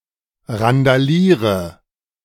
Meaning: inflection of randalieren: 1. first-person singular present 2. first/third-person singular subjunctive I 3. singular imperative
- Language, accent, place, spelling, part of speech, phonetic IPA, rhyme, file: German, Germany, Berlin, randaliere, verb, [ʁandaˈliːʁə], -iːʁə, De-randaliere.ogg